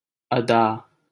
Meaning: 1. performing, carrying out; manner 2. beauty; elegance; grace
- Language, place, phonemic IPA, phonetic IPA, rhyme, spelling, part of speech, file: Hindi, Delhi, /ə.d̪ɑː/, [ɐ.d̪äː], -ɑː, अदा, noun, LL-Q1568 (hin)-अदा.wav